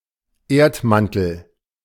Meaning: Earth's mantle
- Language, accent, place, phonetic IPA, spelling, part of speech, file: German, Germany, Berlin, [ˈeːɐ̯tˌmantl̩], Erdmantel, noun, De-Erdmantel.ogg